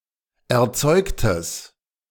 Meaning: strong/mixed nominative/accusative neuter singular of erzeugt
- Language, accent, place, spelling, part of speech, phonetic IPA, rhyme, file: German, Germany, Berlin, erzeugtes, adjective, [ɛɐ̯ˈt͡sɔɪ̯ktəs], -ɔɪ̯ktəs, De-erzeugtes.ogg